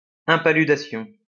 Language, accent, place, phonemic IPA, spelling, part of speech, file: French, France, Lyon, /ɛ̃.pa.ly.da.sjɔ̃/, impaludation, noun, LL-Q150 (fra)-impaludation.wav
- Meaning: synonym of impaludisme